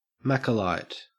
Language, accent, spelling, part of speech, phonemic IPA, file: English, Australia, Macolyte, noun, /ˈmækəlaɪt/, En-au-Macolyte.ogg
- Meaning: A loyal user of Apple products, such as Macintosh computers, iPads, and iPhones